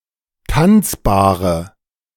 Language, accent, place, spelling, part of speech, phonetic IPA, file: German, Germany, Berlin, tanzbare, adjective, [ˈtant͡sbaːʁə], De-tanzbare.ogg
- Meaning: inflection of tanzbar: 1. strong/mixed nominative/accusative feminine singular 2. strong nominative/accusative plural 3. weak nominative all-gender singular 4. weak accusative feminine/neuter singular